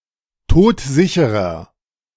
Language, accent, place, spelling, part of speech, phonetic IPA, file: German, Germany, Berlin, todsicherer, adjective, [ˈtoːtˈzɪçəʁɐ], De-todsicherer.ogg
- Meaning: inflection of todsicher: 1. strong/mixed nominative masculine singular 2. strong genitive/dative feminine singular 3. strong genitive plural